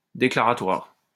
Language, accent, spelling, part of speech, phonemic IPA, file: French, France, déclaratoire, adjective, /de.kla.ʁa.twaʁ/, LL-Q150 (fra)-déclaratoire.wav
- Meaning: declaratory